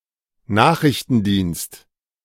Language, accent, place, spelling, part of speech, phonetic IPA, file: German, Germany, Berlin, Nachrichtendienst, noun, [ˈnaːxʁɪçtn̩ˌdiːnst], De-Nachrichtendienst.ogg
- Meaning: 1. intelligence agency (a department, agency or unit designed to gather such information) 2. news agency 3. messaging service; instant messaging service; short message service